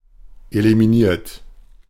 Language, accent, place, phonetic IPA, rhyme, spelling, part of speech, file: German, Germany, Berlin, [elimiˈniːɐ̯t], -iːɐ̯t, eliminiert, verb, De-eliminiert.ogg
- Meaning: 1. past participle of eliminieren 2. inflection of eliminieren: third-person singular present 3. inflection of eliminieren: second-person plural present 4. inflection of eliminieren: plural imperative